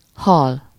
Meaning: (noun) fish; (verb) to die (to stop living; to become dead)
- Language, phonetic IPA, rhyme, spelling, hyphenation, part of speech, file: Hungarian, [ˈhɒl], -ɒl, hal, hal, noun / verb, Hu-hal.ogg